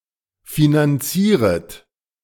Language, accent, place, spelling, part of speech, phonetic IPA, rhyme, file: German, Germany, Berlin, finanzieret, verb, [finanˈt͡siːʁət], -iːʁət, De-finanzieret.ogg
- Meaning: second-person plural subjunctive I of finanzieren